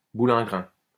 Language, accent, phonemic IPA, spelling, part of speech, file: French, France, /bu.lɛ̃.ɡʁɛ̃/, boulingrin, noun, LL-Q150 (fra)-boulingrin.wav
- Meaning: 1. lawn 2. lawn bowls